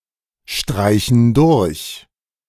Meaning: inflection of durchstreichen: 1. first/third-person plural present 2. first/third-person plural subjunctive I
- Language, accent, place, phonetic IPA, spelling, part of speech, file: German, Germany, Berlin, [ˌʃtʁaɪ̯çn̩ ˈdʊʁç], streichen durch, verb, De-streichen durch.ogg